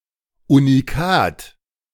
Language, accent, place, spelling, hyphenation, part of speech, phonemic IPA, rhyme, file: German, Germany, Berlin, Unikat, U‧ni‧kat, noun, /u.niˈkaːt/, -aːt, De-Unikat.ogg
- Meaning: one of a kind (one-of-a-kind)